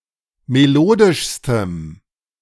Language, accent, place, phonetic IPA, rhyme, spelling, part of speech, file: German, Germany, Berlin, [meˈloːdɪʃstəm], -oːdɪʃstəm, melodischstem, adjective, De-melodischstem.ogg
- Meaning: strong dative masculine/neuter singular superlative degree of melodisch